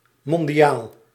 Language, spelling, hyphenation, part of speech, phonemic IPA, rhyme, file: Dutch, mondiaal, mon‧di‧aal, adjective, /ˌmɔn.diˈaːl/, -aːl, Nl-mondiaal.ogg
- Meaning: global, worldwide